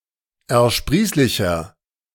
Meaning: 1. comparative degree of ersprießlich 2. inflection of ersprießlich: strong/mixed nominative masculine singular 3. inflection of ersprießlich: strong genitive/dative feminine singular
- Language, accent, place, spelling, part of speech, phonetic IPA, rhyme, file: German, Germany, Berlin, ersprießlicher, adjective, [ɛɐ̯ˈʃpʁiːslɪçɐ], -iːslɪçɐ, De-ersprießlicher.ogg